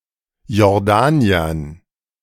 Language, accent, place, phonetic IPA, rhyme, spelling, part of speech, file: German, Germany, Berlin, [jɔʁˈdaːni̯ɐn], -aːni̯ɐn, Jordaniern, noun, De-Jordaniern.ogg
- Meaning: dative plural of Jordanier